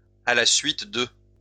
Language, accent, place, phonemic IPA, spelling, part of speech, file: French, France, Lyon, /a la sɥit də/, à la suite de, preposition, LL-Q150 (fra)-à la suite de.wav
- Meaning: 1. along with, accompanying 2. after 3. following, subsequent to, in the wake of